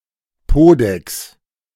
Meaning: posterior, behind (human buttocks)
- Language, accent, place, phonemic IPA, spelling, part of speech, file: German, Germany, Berlin, /ˈpoː.dɛks/, Podex, noun, De-Podex.ogg